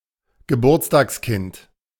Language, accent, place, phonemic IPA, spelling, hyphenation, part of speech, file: German, Germany, Berlin, /ɡəˈbuːɐ̯t͡staːksˌkɪnt/, Geburtstagskind, Ge‧burts‧tags‧kind, noun, De-Geburtstagskind.ogg
- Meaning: one who is celebrating their birthday: birthday boy, birthday girl